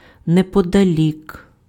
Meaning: 1. near, nearby 2. not far (from: від (vid) + genitive)
- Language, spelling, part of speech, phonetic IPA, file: Ukrainian, неподалік, adverb, [nepɔdɐˈlʲik], Uk-неподалік.ogg